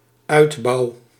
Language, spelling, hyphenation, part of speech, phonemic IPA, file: Dutch, uitbouw, uit‧bouw, noun / verb, /ˈœydbɑu/, Nl-uitbouw.ogg
- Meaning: annex, extension to a building